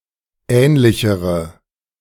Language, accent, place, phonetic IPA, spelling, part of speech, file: German, Germany, Berlin, [ˈɛːnlɪçəʁə], ähnlichere, adjective, De-ähnlichere.ogg
- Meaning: inflection of ähnlich: 1. strong/mixed nominative/accusative feminine singular comparative degree 2. strong nominative/accusative plural comparative degree